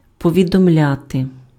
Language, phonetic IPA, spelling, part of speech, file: Ukrainian, [pɔʋʲidɔmˈlʲate], повідомляти, verb, Uk-повідомляти.ogg
- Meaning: to inform, to notify, to advise, to apprise (somebody of something / that: кого́сь (accusative) про щось (accusative) / що)